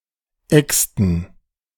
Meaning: inflection of exen: 1. first/third-person plural preterite 2. first/third-person plural subjunctive II
- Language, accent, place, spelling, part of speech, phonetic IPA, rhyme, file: German, Germany, Berlin, exten, verb, [ˈɛkstn̩], -ɛkstn̩, De-exten.ogg